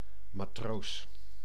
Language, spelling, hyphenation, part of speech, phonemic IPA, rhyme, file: Dutch, matroos, ma‧troos, noun, /maːˌtroːs/, -oːs, Nl-matroos.ogg
- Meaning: sailor, seaman